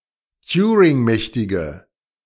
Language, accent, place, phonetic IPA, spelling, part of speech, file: German, Germany, Berlin, [ˈtjuːʁɪŋˌmɛçtɪɡə], turingmächtige, adjective, De-turingmächtige.ogg
- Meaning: inflection of turingmächtig: 1. strong/mixed nominative/accusative feminine singular 2. strong nominative/accusative plural 3. weak nominative all-gender singular